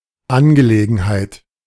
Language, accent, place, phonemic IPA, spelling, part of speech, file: German, Germany, Berlin, /ˈanɡəleːɡn̩haɪ̯t/, Angelegenheit, noun, De-Angelegenheit.ogg
- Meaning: matter, issue, affair